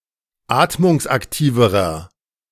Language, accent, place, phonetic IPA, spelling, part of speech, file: German, Germany, Berlin, [ˈaːtmʊŋsʔakˌtiːvəʁɐ], atmungsaktiverer, adjective, De-atmungsaktiverer.ogg
- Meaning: inflection of atmungsaktiv: 1. strong/mixed nominative masculine singular comparative degree 2. strong genitive/dative feminine singular comparative degree 3. strong genitive plural comparative degree